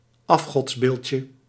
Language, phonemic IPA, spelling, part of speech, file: Dutch, /ˈɑfxɔtsbelcə/, afgodsbeeldje, noun, Nl-afgodsbeeldje.ogg
- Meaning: diminutive of afgodsbeeld